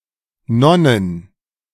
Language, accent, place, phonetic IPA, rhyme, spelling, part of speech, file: German, Germany, Berlin, [ˈnɔnən], -ɔnən, Nonnen, noun, De-Nonnen.ogg
- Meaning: plural of Nonne